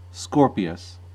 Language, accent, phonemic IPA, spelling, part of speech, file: English, US, /ˈskɔːɹpɪəs/, Scorpius, proper noun, En-us-Scorpius.ogg
- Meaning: 1. A constellation of the zodiac, traditionally figured in the shape of a scorpion. Its brightest star is the red giant Antares 2. Scorpio